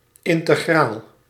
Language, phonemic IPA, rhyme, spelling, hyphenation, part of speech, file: Dutch, /ˌɪn.təˈɣraːl/, -aːl, integraal, in‧te‧graal, noun / adjective, Nl-integraal.ogg
- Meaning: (noun) 1. integral 2. a bond with a guaranteed real interest of 2.5%